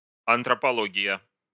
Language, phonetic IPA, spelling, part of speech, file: Russian, [ɐntrəpɐˈɫoɡʲɪjə], антропология, noun, Ru-антропология.ogg
- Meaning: anthropology